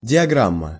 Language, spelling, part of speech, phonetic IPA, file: Russian, диаграмма, noun, [dʲɪɐˈɡram(ː)ə], Ru-диаграмма.ogg
- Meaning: diagram, graph, chart